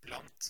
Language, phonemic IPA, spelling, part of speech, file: Norwegian Bokmål, /blɑnt/, blant, preposition, No-blant.ogg
- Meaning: among, amongst